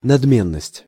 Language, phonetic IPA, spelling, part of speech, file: Russian, [nɐdˈmʲenːəsʲtʲ], надменность, noun, Ru-надменность.ogg
- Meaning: haughtiness, arrogance